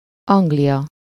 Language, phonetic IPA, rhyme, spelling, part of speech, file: Hungarian, [ˈɒŋɡlijɒ], -jɒ, Anglia, proper noun, Hu-Anglia.ogg
- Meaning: England (a constituent country of the United Kingdom)